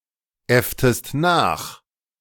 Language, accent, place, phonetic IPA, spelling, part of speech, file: German, Germany, Berlin, [ˌɛftəst ˈnaːx], äfftest nach, verb, De-äfftest nach.ogg
- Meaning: inflection of nachäffen: 1. second-person singular preterite 2. second-person singular subjunctive II